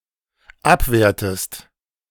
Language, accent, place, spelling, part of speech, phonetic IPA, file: German, Germany, Berlin, abwehrtest, verb, [ˈapˌveːɐ̯təst], De-abwehrtest.ogg
- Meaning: inflection of abwehren: 1. second-person singular dependent preterite 2. second-person singular dependent subjunctive II